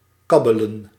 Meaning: to babble, to murmur
- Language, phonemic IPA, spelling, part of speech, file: Dutch, /ˈkɑbələ(n)/, kabbelen, verb, Nl-kabbelen.ogg